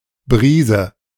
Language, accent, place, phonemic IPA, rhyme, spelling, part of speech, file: German, Germany, Berlin, /ˈbʁiːzə/, -iːzə, Brise, noun, De-Brise.ogg
- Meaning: breeze